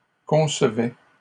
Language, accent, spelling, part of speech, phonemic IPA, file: French, Canada, concevait, verb, /kɔ̃s.vɛ/, LL-Q150 (fra)-concevait.wav
- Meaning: third-person singular imperfect indicative of concevoir